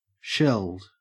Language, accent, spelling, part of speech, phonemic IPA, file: English, Australia, shelled, verb / adjective, /ʃɛld/, En-au-shelled.ogg
- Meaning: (verb) simple past and past participle of shell; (adjective) 1. Having a shell; testaceous 2. Having had the shell removed 3. Unable to keep up in a race, having used up one's reserves of energy